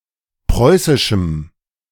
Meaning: strong dative masculine/neuter singular of preußisch
- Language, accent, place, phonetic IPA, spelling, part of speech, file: German, Germany, Berlin, [ˈpʁɔɪ̯sɪʃm̩], preußischem, adjective, De-preußischem.ogg